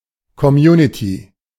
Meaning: community
- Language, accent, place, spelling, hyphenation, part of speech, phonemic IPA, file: German, Germany, Berlin, Community, Com‧mu‧ni‧ty, noun, /kɔˈmjuːnɪti/, De-Community.ogg